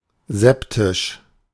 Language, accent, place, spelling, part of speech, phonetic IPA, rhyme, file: German, Germany, Berlin, septisch, adjective, [ˈzɛptɪʃ], -ɛptɪʃ, De-septisch.ogg
- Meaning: septic